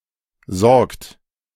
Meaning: inflection of sorgen: 1. third-person singular present 2. second-person plural present 3. plural imperative
- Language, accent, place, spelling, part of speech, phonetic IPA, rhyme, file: German, Germany, Berlin, sorgt, verb, [zɔʁkt], -ɔʁkt, De-sorgt.ogg